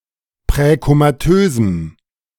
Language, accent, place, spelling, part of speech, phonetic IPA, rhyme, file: German, Germany, Berlin, präkomatösem, adjective, [pʁɛkomaˈtøːzm̩], -øːzm̩, De-präkomatösem.ogg
- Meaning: strong dative masculine/neuter singular of präkomatös